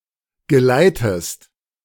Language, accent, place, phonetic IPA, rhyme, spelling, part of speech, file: German, Germany, Berlin, [ɡəˈlaɪ̯təst], -aɪ̯təst, geleitest, verb, De-geleitest.ogg
- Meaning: inflection of geleiten: 1. second-person singular present 2. second-person singular subjunctive I